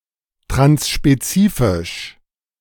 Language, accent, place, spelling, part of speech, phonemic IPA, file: German, Germany, Berlin, transspezifisch, adjective, /tʁansʃpeˈh t͡siːfɪʃ/, De-transspezifisch.ogg
- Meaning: trans-specific, transspecies